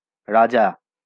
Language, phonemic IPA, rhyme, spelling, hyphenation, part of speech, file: Bengali, /ˈrad͡ʒa/, -d͡ʒa, রাজা, রা‧জা, noun, LL-Q9610 (ben)-রাজা.wav
- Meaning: 1. king; monarch 2. king